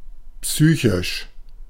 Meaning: psychical
- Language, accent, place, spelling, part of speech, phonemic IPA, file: German, Germany, Berlin, psychisch, adjective, /ˈpsyːçɪʃ/, De-psychisch.ogg